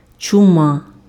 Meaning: plague
- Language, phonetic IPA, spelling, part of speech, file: Ukrainian, [t͡ʃʊˈma], чума, noun, Uk-чума.ogg